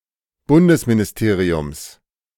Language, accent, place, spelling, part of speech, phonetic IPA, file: German, Germany, Berlin, Bundesministeriums, noun, [ˈbʊndəsminɪsˌteːʁiʊms], De-Bundesministeriums.ogg
- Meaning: genitive singular of Bundesministerium